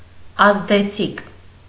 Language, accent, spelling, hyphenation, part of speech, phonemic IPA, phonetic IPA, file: Armenian, Eastern Armenian, ազդեցիկ, ազ‧դե‧ցիկ, adjective, /ɑzdeˈt͡sʰik/, [ɑzdet͡sʰík], Hy-ազդեցիկ.ogg
- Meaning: 1. having an effect, effective 2. influential, authoritative